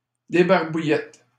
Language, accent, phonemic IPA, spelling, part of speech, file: French, Canada, /de.baʁ.bu.jɛt/, débarbouillettes, noun, LL-Q150 (fra)-débarbouillettes.wav
- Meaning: plural of débarbouillette